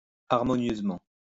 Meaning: harmoniously
- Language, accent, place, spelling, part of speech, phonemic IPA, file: French, France, Lyon, harmonieusement, adverb, /aʁ.mɔ.njøz.mɑ̃/, LL-Q150 (fra)-harmonieusement.wav